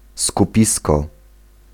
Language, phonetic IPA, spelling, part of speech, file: Polish, [skuˈpʲiskɔ], skupisko, noun, Pl-skupisko.ogg